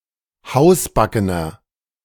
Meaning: 1. comparative degree of hausbacken 2. inflection of hausbacken: strong/mixed nominative masculine singular 3. inflection of hausbacken: strong genitive/dative feminine singular
- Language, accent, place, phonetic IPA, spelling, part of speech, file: German, Germany, Berlin, [ˈhaʊ̯sˌbakənɐ], hausbackener, adjective, De-hausbackener.ogg